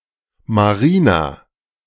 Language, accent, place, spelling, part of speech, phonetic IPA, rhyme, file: German, Germany, Berlin, Marina, noun / proper noun, [maˈʁiːna], -iːna, De-Marina.ogg
- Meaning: a female given name, equivalent to English Marina